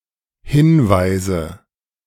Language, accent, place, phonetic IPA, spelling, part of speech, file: German, Germany, Berlin, [ˈhɪnˌvaɪ̯zə], hinweise, verb, De-hinweise.ogg
- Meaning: inflection of hinweisen: 1. first-person singular dependent present 2. first/third-person singular dependent subjunctive I